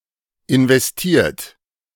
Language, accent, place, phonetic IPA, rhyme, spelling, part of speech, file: German, Germany, Berlin, [ɪnvɛsˈtiːɐ̯t], -iːɐ̯t, investiert, verb, De-investiert.ogg
- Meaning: 1. past participle of investieren 2. inflection of investieren: third-person singular present 3. inflection of investieren: second-person plural present 4. inflection of investieren: plural imperative